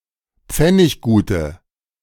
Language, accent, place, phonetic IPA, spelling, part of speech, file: German, Germany, Berlin, [ˈp͡fɛnɪçɡuːtə], pfenniggute, adjective, De-pfenniggute.ogg
- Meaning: inflection of pfenniggut: 1. strong/mixed nominative/accusative feminine singular 2. strong nominative/accusative plural 3. weak nominative all-gender singular